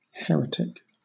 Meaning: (noun) 1. Someone whose beliefs are contrary to the fundamental tenets of a religion they claim to belong to 2. Someone who does not conform to generally accepted beliefs or practices
- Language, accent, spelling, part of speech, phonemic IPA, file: English, Southern England, heretic, noun / adjective, /ˈhɛɹɪtɪk/, LL-Q1860 (eng)-heretic.wav